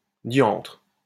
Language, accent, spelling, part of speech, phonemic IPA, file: French, France, diantre, interjection, /djɑ̃tʁ/, LL-Q150 (fra)-diantre.wav
- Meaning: the deuce!